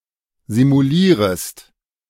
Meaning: second-person singular subjunctive I of simulieren
- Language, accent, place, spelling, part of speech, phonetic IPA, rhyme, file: German, Germany, Berlin, simulierest, verb, [zimuˈliːʁəst], -iːʁəst, De-simulierest.ogg